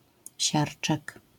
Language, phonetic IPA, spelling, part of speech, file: Polish, [ˈɕart͡ʃɛk], siarczek, noun, LL-Q809 (pol)-siarczek.wav